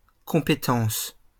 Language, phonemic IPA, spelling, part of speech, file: French, /kɔ̃.pe.tɑ̃s/, compétence, noun, LL-Q150 (fra)-compétence.wav
- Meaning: 1. competence, ability, skill 2. talent, capability